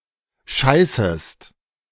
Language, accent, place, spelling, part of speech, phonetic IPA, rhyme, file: German, Germany, Berlin, scheißest, verb, [ˈʃaɪ̯səst], -aɪ̯səst, De-scheißest.ogg
- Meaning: second-person singular subjunctive I of scheißen